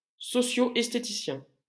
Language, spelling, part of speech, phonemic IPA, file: French, esthéticien, noun, /ɛs.te.ti.sjɛ̃/, LL-Q150 (fra)-esthéticien.wav
- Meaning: beautician